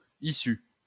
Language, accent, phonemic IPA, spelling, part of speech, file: French, France, /i.sy/, issues, noun, LL-Q150 (fra)-issues.wav
- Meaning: plural of issue